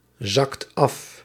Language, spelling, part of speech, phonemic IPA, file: Dutch, zakt af, verb, /ˈzɑkt ˈɑf/, Nl-zakt af.ogg
- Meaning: inflection of afzakken: 1. second/third-person singular present indicative 2. plural imperative